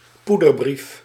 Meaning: powder letter (letter containing some powder, intended for harming, threatening or hoaxing someone)
- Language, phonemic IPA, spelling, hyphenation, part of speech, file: Dutch, /ˈpu.dərˌbrif/, poederbrief, poe‧der‧brief, noun, Nl-poederbrief.ogg